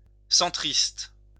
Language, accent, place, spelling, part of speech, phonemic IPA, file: French, France, Lyon, centriste, adjective / noun, /sɑ̃.tʁist/, LL-Q150 (fra)-centriste.wav
- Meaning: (adjective) centrist; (noun) a centrist